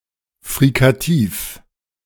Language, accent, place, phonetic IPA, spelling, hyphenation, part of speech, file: German, Germany, Berlin, [fʁikaˈtiːf], frikativ, fri‧ka‧tiv, adjective, De-frikativ.ogg
- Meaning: fricative